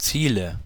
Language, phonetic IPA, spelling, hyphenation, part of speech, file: German, [ˈt͡siːlə], Ziele, Zie‧le, noun, De-Ziele.ogg
- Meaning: nominative/accusative/genitive plural of Ziel